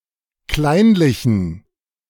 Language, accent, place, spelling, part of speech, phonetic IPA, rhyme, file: German, Germany, Berlin, kleinlichen, adjective, [ˈklaɪ̯nlɪçn̩], -aɪ̯nlɪçn̩, De-kleinlichen.ogg
- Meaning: inflection of kleinlich: 1. strong genitive masculine/neuter singular 2. weak/mixed genitive/dative all-gender singular 3. strong/weak/mixed accusative masculine singular 4. strong dative plural